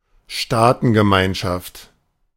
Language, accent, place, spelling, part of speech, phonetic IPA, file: German, Germany, Berlin, Staatengemeinschaft, noun, [ˈʃtaːtn̩ɡəˌmaɪ̯nʃaft], De-Staatengemeinschaft.ogg
- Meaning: community of states